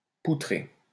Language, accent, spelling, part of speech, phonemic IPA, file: French, France, poutrer, verb, /pu.tʁe/, LL-Q150 (fra)-poutrer.wav
- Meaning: to fuck, screw